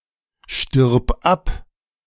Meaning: singular imperative of absterben
- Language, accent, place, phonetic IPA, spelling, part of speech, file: German, Germany, Berlin, [ʃtɪʁp ˈap], stirb ab, verb, De-stirb ab.ogg